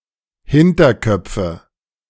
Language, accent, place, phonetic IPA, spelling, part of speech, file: German, Germany, Berlin, [ˈhɪntɐˌkœp͡fə], Hinterköpfe, noun, De-Hinterköpfe.ogg
- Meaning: nominative/accusative/genitive plural of Hinterkopf